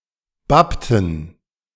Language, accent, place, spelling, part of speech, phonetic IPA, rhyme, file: German, Germany, Berlin, bappten, verb, [ˈbaptn̩], -aptn̩, De-bappten.ogg
- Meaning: inflection of bappen: 1. first/third-person plural preterite 2. first/third-person plural subjunctive II